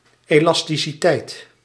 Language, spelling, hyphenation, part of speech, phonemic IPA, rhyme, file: Dutch, elasticiteit, elas‧ti‧ci‧teit, noun, /ˌeː.lɑs.ti.siˈtɛi̯t/, -ɛi̯t, Nl-elasticiteit.ogg
- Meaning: the property elasticity, by virtue of which a material can regain its original dimensions